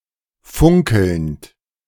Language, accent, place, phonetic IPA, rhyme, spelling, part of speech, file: German, Germany, Berlin, [ˈfʊŋkl̩nt], -ʊŋkl̩nt, funkelnd, verb, De-funkelnd.ogg
- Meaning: present participle of funkeln